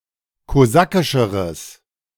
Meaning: strong/mixed nominative/accusative neuter singular comparative degree of kosakisch
- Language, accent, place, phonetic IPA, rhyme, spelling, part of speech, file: German, Germany, Berlin, [koˈzakɪʃəʁəs], -akɪʃəʁəs, kosakischeres, adjective, De-kosakischeres.ogg